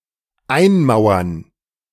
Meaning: to wall in
- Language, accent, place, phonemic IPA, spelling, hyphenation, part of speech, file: German, Germany, Berlin, /ˈaɪ̯nˌmaʊ̯ɐn/, einmauern, ein‧mau‧ern, verb, De-einmauern.ogg